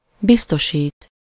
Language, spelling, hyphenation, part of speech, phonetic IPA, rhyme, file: Hungarian, biztosít, biz‧to‧sít, verb, [ˈbistoʃiːt], -iːt, Hu-biztosít.ogg
- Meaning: 1. to insure (to provide for compensation if some specified risk occurs; (optionally) against something: ellen) 2. to assure someone (about something: -ról/-ről)